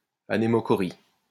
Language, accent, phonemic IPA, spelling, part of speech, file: French, France, /a.ne.mo.kɔ.ʁi/, anémochorie, noun, LL-Q150 (fra)-anémochorie.wav
- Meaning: anemochory